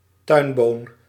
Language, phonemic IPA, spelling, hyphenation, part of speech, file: Dutch, /ˈtœy̯n.boːn/, tuinboon, tuin‧boon, noun, Nl-tuinboon.ogg
- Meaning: broad bean (Vicia faba, plant and the bean it yields)